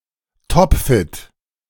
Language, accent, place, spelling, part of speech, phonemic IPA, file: German, Germany, Berlin, topfit, adjective, /ˈtɔpˌfɪt/, De-topfit.ogg
- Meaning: perfectly fit